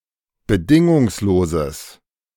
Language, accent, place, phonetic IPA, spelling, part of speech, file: German, Germany, Berlin, [bəˈdɪŋʊŋsloːzəs], bedingungsloses, adjective, De-bedingungsloses.ogg
- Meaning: strong/mixed nominative/accusative neuter singular of bedingungslos